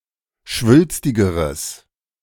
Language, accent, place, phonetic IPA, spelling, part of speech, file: German, Germany, Berlin, [ˈʃvʏlstɪɡəʁəs], schwülstigeres, adjective, De-schwülstigeres.ogg
- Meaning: strong/mixed nominative/accusative neuter singular comparative degree of schwülstig